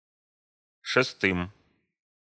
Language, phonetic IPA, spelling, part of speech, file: Russian, [ʂɨˈstɨm], шестым, noun, Ru-шестым.ogg
- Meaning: dative plural of шеста́я (šestája)